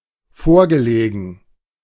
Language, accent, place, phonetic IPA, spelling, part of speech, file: German, Germany, Berlin, [ˈfoːɐ̯ɡəˌleːɡn̩], vorgelegen, verb, De-vorgelegen.ogg
- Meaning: past participle of vorliegen